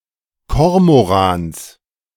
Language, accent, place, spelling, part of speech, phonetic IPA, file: German, Germany, Berlin, Kormorans, noun, [ˈkɔʁmoˌʁaːns], De-Kormorans.ogg
- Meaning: genitive singular of Kormoran